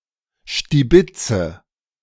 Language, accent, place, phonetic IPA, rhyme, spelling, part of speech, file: German, Germany, Berlin, [ʃtiˈbɪt͡sə], -ɪt͡sə, stibitze, verb, De-stibitze.ogg
- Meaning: inflection of stibitzen: 1. first-person singular present 2. first/third-person singular subjunctive I 3. singular imperative